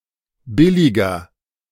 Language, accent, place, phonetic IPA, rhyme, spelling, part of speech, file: German, Germany, Berlin, [ˈbɪlɪɡɐ], -ɪlɪɡɐ, billiger, adjective, De-billiger.ogg
- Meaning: 1. comparative degree of billig 2. inflection of billig: strong/mixed nominative masculine singular 3. inflection of billig: strong genitive/dative feminine singular